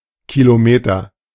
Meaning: kilometer (unit of measure)
- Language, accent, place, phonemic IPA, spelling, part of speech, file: German, Germany, Berlin, /kiloˈmeːtɐ/, Kilometer, noun, De-Kilometer.ogg